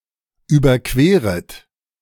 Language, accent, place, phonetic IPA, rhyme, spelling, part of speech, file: German, Germany, Berlin, [ˌyːbɐˈkveːʁət], -eːʁət, überqueret, verb, De-überqueret.ogg
- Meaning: second-person plural subjunctive I of überqueren